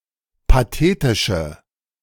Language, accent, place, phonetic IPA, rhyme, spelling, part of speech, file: German, Germany, Berlin, [paˈteːtɪʃə], -eːtɪʃə, pathetische, adjective, De-pathetische.ogg
- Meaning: inflection of pathetisch: 1. strong/mixed nominative/accusative feminine singular 2. strong nominative/accusative plural 3. weak nominative all-gender singular